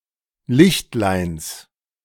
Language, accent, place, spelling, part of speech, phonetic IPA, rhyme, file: German, Germany, Berlin, Lichtleins, noun, [ˈlɪçtlaɪ̯ns], -ɪçtlaɪ̯ns, De-Lichtleins.ogg
- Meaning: genitive singular of Lichtlein